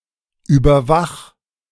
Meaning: 1. singular imperative of überwachen 2. first-person singular present of überwachen
- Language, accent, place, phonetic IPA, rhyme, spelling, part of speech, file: German, Germany, Berlin, [ˌyːbɐˈvax], -ax, überwach, verb, De-überwach.ogg